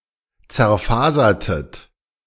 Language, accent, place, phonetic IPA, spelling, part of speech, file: German, Germany, Berlin, [t͡sɛɐ̯ˈfaːzɐtət], zerfasertet, verb, De-zerfasertet.ogg
- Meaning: inflection of zerfasern: 1. second-person plural preterite 2. second-person plural subjunctive II